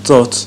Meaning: 1. bosom (the space between a person's clothing and their chest) 2. embrace, arms 3. gulf, bay
- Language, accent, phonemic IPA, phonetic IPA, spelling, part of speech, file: Armenian, Eastern Armenian, /t͡sot͡sʰ/, [t͡sot͡sʰ], ծոց, noun, Hy-ծոց.ogg